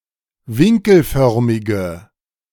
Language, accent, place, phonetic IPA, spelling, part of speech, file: German, Germany, Berlin, [ˈvɪŋkl̩ˌfœʁmɪɡə], winkelförmige, adjective, De-winkelförmige.ogg
- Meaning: inflection of winkelförmig: 1. strong/mixed nominative/accusative feminine singular 2. strong nominative/accusative plural 3. weak nominative all-gender singular